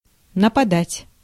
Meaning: 1. to attack, to fall on, to assault, to descend (on) 2. to come across, to come upon, to hit on 3. to come (over), to grip, to seize, to overcome
- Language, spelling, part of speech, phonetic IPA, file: Russian, нападать, verb, [nəpɐˈdatʲ], Ru-нападать.ogg